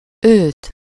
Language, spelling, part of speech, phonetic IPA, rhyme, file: Hungarian, őt, pronoun, [ˈøːt], -øːt, Hu-őt.ogg
- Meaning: him, her (as the direct object of a verb)